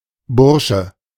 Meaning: 1. boy, young man 2. student 3. member of a student fraternity 4. boy, young servant 5. big catch 6. community or lodging of people working (or studying) together
- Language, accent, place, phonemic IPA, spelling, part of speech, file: German, Germany, Berlin, /ˈbʊrʃə/, Bursche, noun, De-Bursche.ogg